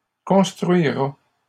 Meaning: third-person singular future of construire
- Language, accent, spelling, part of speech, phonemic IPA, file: French, Canada, construira, verb, /kɔ̃s.tʁɥi.ʁa/, LL-Q150 (fra)-construira.wav